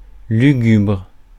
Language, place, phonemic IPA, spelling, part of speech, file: French, Paris, /ly.ɡybʁ/, lugubre, adjective, Fr-lugubre.ogg
- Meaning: gloomy, mournful, lugubrious